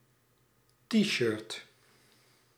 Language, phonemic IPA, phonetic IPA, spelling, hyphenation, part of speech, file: Dutch, /ˈti.ʃərt/, [ˈti.ʃəɹt], T-shirt, T-shirt, noun, Nl-T-shirt.ogg
- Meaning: T-shirt